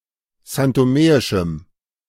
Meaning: strong dative masculine/neuter singular of santomeisch
- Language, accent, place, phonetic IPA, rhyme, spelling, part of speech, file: German, Germany, Berlin, [zantoˈmeːɪʃm̩], -eːɪʃm̩, santomeischem, adjective, De-santomeischem.ogg